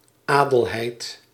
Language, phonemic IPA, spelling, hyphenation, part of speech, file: Dutch, /ˈaː.dəlˌɦɛi̯t/, Adelheid, Adel‧heid, proper noun, Nl-Adelheid.ogg
- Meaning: a female given name